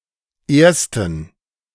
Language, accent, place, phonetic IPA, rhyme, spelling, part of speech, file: German, Germany, Berlin, [ˈeːɐ̯stn̩], -eːɐ̯stn̩, Ersten, noun, De-Ersten.ogg
- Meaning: inflection of Erster: 1. strong genitive/accusative singular 2. strong dative plural 3. weak/mixed genitive/dative/accusative singular 4. weak/mixed all-case plural